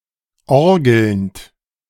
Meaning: present participle of orgeln
- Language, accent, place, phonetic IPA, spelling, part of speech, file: German, Germany, Berlin, [ˈɔʁɡl̩nt], orgelnd, verb, De-orgelnd.ogg